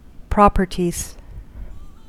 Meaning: plural of property
- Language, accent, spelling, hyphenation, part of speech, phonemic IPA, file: English, US, properties, prop‧er‧ties, noun, /ˈpɹɑpɚtiz/, En-us-properties.ogg